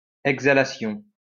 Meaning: exhalation
- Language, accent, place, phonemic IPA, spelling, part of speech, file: French, France, Lyon, /ɛɡ.za.la.sjɔ̃/, exhalation, noun, LL-Q150 (fra)-exhalation.wav